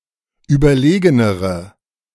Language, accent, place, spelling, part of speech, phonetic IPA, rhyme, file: German, Germany, Berlin, überlegenere, adjective, [ˌyːbɐˈleːɡənəʁə], -eːɡənəʁə, De-überlegenere.ogg
- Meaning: inflection of überlegen: 1. strong/mixed nominative/accusative feminine singular comparative degree 2. strong nominative/accusative plural comparative degree